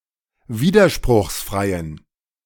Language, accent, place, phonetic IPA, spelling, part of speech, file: German, Germany, Berlin, [ˈviːdɐʃpʁʊxsˌfʁaɪ̯ən], widerspruchsfreien, adjective, De-widerspruchsfreien.ogg
- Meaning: inflection of widerspruchsfrei: 1. strong genitive masculine/neuter singular 2. weak/mixed genitive/dative all-gender singular 3. strong/weak/mixed accusative masculine singular